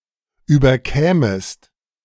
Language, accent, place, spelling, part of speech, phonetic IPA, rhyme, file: German, Germany, Berlin, überkämest, verb, [ˌyːbɐˈkɛːməst], -ɛːməst, De-überkämest.ogg
- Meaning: second-person singular subjunctive II of überkommen